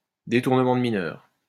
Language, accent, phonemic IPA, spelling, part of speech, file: French, France, /de.tuʁ.nə.mɑ̃ d(ə) mi.nœʁ/, détournement de mineur, noun, LL-Q150 (fra)-détournement de mineur.wav
- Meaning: statutory rape